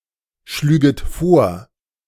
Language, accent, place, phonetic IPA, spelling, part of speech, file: German, Germany, Berlin, [ˌʃlyːɡət ˈfoːɐ̯], schlüget vor, verb, De-schlüget vor.ogg
- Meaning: second-person plural subjunctive II of vorschlagen